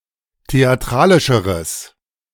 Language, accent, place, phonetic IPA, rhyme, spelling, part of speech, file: German, Germany, Berlin, [teaˈtʁaːlɪʃəʁəs], -aːlɪʃəʁəs, theatralischeres, adjective, De-theatralischeres.ogg
- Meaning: strong/mixed nominative/accusative neuter singular comparative degree of theatralisch